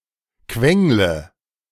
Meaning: inflection of quengeln: 1. first-person singular present 2. first/third-person singular subjunctive I 3. singular imperative
- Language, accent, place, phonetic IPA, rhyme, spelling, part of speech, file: German, Germany, Berlin, [ˈkvɛŋlə], -ɛŋlə, quengle, verb, De-quengle.ogg